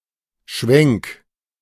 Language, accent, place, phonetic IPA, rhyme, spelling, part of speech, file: German, Germany, Berlin, [ʃvɛŋk], -ɛŋk, schwenk, verb, De-schwenk.ogg
- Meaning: 1. singular imperative of schwenken 2. first-person singular present of schwenken